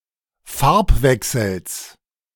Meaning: genitive singular of Farbwechsel
- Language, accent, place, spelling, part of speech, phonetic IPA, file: German, Germany, Berlin, Farbwechsels, noun, [ˈfaʁpˌvɛksl̩s], De-Farbwechsels.ogg